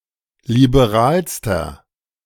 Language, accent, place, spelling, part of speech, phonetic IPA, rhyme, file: German, Germany, Berlin, liberalster, adjective, [libeˈʁaːlstɐ], -aːlstɐ, De-liberalster.ogg
- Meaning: inflection of liberal: 1. strong/mixed nominative masculine singular superlative degree 2. strong genitive/dative feminine singular superlative degree 3. strong genitive plural superlative degree